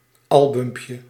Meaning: diminutive of album
- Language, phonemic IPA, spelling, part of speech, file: Dutch, /ˈɑlbʏmpjə/, albumpje, noun, Nl-albumpje.ogg